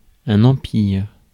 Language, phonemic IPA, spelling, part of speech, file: French, /ɑ̃.piʁ/, empire, noun / verb, Fr-empire.ogg
- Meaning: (noun) 1. empire 2. influence, authority, dominion; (verb) inflection of empirer: 1. first/third-person singular present indicative/subjunctive 2. second-person singular imperative